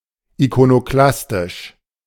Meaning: iconoclastic
- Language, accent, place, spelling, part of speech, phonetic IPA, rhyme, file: German, Germany, Berlin, ikonoklastisch, adjective, [ikonoˈklastɪʃ], -astɪʃ, De-ikonoklastisch.ogg